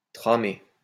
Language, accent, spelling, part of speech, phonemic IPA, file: French, France, tramé, verb, /tʁa.me/, LL-Q150 (fra)-tramé.wav
- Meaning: past participle of tramer